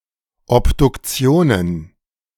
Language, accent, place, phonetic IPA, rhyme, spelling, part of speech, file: German, Germany, Berlin, [ˌɔpdʊkˈt͡si̯oːnən], -oːnən, Obduktionen, noun, De-Obduktionen.ogg
- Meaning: plural of Obduktion